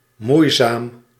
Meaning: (adjective) laborious; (adverb) with difficulty
- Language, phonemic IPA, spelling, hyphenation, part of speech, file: Dutch, /ˈmui̯.zaːm/, moeizaam, moei‧zaam, adjective / adverb, Nl-moeizaam.ogg